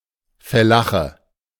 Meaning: fellah (peasant etc.)
- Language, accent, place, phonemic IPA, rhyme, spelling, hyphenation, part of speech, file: German, Germany, Berlin, /fɛˈlaχə/, -aχə, Fellache, Fel‧la‧che, noun, De-Fellache.ogg